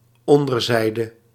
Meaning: underside, bottom
- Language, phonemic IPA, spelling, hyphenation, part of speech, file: Dutch, /ˈɔndərˌzɛidə/, onderzijde, on‧der‧zij‧de, noun, Nl-onderzijde.ogg